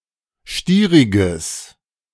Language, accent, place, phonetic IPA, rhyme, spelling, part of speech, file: German, Germany, Berlin, [ˈʃtiːʁɪɡəs], -iːʁɪɡəs, stieriges, adjective, De-stieriges.ogg
- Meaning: strong/mixed nominative/accusative neuter singular of stierig